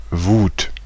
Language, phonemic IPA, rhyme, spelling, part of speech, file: German, /vuːt/, -uːt, Wut, noun, De-Wut.ogg
- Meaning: 1. rage; fury; outrage 2. anger; usually “strong, hateful anger” in literary German, but not necessarily in the vernacular 3. ecstasy; frenzy